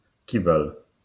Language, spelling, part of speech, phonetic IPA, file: Polish, kibel, noun, [ˈcibɛl], LL-Q809 (pol)-kibel.wav